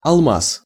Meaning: 1. diamond 2. glass cutter, glazier's diamond
- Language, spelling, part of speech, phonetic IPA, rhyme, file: Russian, алмаз, noun, [ɐɫˈmas], -as, Ru-алмаз.ogg